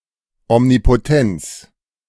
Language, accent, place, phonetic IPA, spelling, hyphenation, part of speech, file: German, Germany, Berlin, [ɔmnipoˈtɛnt͡s], Omnipotenz, Om‧ni‧po‧tenz, noun, De-Omnipotenz.ogg
- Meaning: omnipotence